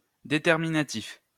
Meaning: determinative
- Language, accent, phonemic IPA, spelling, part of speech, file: French, France, /de.tɛʁ.mi.na.tif/, déterminatif, adjective, LL-Q150 (fra)-déterminatif.wav